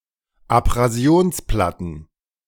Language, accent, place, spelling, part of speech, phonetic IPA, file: German, Germany, Berlin, Abrasionsplatten, noun, [apʁaˈzi̯oːnsˌplatn̩], De-Abrasionsplatten.ogg
- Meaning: plural of Abrasionsplatte